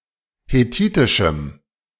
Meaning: strong dative masculine/neuter singular of hethitisch
- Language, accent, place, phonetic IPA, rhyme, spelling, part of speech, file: German, Germany, Berlin, [heˈtiːtɪʃm̩], -iːtɪʃm̩, hethitischem, adjective, De-hethitischem.ogg